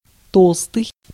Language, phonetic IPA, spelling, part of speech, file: Russian, [ˈtoɫstɨj], толстый, adjective, Ru-толстый.ogg
- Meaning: 1. thick 2. large, big 3. stout, fat